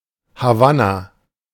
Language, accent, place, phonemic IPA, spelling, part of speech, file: German, Germany, Berlin, /haˈvana/, Havanna, proper noun / noun, De-Havanna.ogg
- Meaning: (proper noun) Havana (the capital city of Cuba); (noun) 1. Havana cigar 2. Havana tobacco